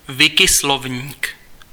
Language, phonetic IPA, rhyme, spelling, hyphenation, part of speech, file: Czech, [ˈvɪkɪslovɲiːk], -ovɲiːk, Wikislovník, Wi‧ki‧slov‧ník, proper noun, Cs-Wikislovník.ogg
- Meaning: Wiktionary